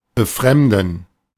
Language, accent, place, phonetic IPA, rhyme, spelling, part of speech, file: German, Germany, Berlin, [bəˈfʁɛmdn̩], -ɛmdn̩, befremden, verb, De-befremden.ogg
- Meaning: to alienate